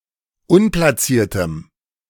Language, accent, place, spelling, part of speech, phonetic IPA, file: German, Germany, Berlin, unplatziertem, adjective, [ˈʊnplaˌt͡siːɐ̯təm], De-unplatziertem.ogg
- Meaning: strong dative masculine/neuter singular of unplatziert